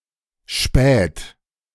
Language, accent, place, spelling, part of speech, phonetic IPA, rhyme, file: German, Germany, Berlin, späht, verb, [ʃpɛːt], -ɛːt, De-späht.ogg
- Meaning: inflection of spähen: 1. third-person singular present 2. second-person plural present 3. plural imperative